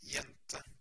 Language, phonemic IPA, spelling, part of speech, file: Norwegian Bokmål, /²jɛntə/, jente, noun, No-jente.ogg
- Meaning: 1. girl; young woman 2. hired girl, housemaid 3. girlfriend, sweetheart